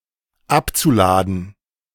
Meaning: zu-infinitive of abladen
- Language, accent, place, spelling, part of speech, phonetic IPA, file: German, Germany, Berlin, abzuladen, verb, [ˈapt͡suˌlaːdn̩], De-abzuladen.ogg